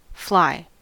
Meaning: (noun) Any insect of the order Diptera; characterized by having two wings (except for some wingless species), also called true flies
- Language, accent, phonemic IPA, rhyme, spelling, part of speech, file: English, US, /flaɪ/, -aɪ, fly, noun / verb / adjective, En-us-fly.ogg